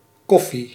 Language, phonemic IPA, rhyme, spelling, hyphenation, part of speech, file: Dutch, /ˈkɔ.fi/, -ɔfi, koffie, kof‧fie, noun, Nl-koffie.ogg
- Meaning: 1. coffee (beverage) 2. coffee (serving of the above beverage)